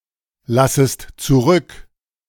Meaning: second-person singular subjunctive I of zurücklassen
- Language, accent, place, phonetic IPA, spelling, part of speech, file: German, Germany, Berlin, [ˌlasəst t͡suˈʁʏk], lassest zurück, verb, De-lassest zurück.ogg